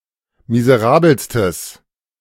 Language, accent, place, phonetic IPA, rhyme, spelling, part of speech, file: German, Germany, Berlin, [mizəˈʁaːbl̩stəs], -aːbl̩stəs, miserabelstes, adjective, De-miserabelstes.ogg
- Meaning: strong/mixed nominative/accusative neuter singular superlative degree of miserabel